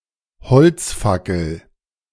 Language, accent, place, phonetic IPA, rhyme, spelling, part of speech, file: German, Germany, Berlin, [bəˈt͡søːɡəst], -øːɡəst, bezögest, verb, De-bezögest.ogg
- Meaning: second-person singular subjunctive II of beziehen